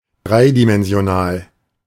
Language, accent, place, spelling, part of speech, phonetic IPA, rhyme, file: German, Germany, Berlin, dreidimensional, adjective, [ˈdʁaɪ̯dimɛnzi̯oˌnaːl], -aɪ̯dimɛnzi̯onaːl, De-dreidimensional.ogg
- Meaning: three-dimensional